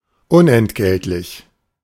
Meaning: 1. not in return for payment 2. not to purchase 3. not for valuable consideration
- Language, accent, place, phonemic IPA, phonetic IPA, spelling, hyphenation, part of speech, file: German, Germany, Berlin, /ˈʊnɛntˌɡɛltlɪç/, [ˈʔʊnʔɛntˌɡɛltlɪç], unentgeltlich, un‧ent‧gelt‧lich, adjective, De-unentgeltlich.ogg